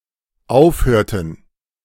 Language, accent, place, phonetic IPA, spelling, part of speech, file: German, Germany, Berlin, [ˈaʊ̯fˌhøːɐ̯tn̩], aufhörten, verb, De-aufhörten.ogg
- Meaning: inflection of aufhören: 1. first/third-person plural dependent preterite 2. first/third-person plural dependent subjunctive II